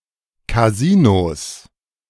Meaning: 1. plural of Kasino 2. genitive singular of Kasino
- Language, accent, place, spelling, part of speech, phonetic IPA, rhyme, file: German, Germany, Berlin, Kasinos, noun, [kaˈziːnos], -iːnos, De-Kasinos.ogg